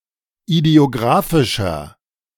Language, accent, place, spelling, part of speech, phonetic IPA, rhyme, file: German, Germany, Berlin, idiographischer, adjective, [idi̯oˈɡʁaːfɪʃɐ], -aːfɪʃɐ, De-idiographischer.ogg
- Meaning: inflection of idiographisch: 1. strong/mixed nominative masculine singular 2. strong genitive/dative feminine singular 3. strong genitive plural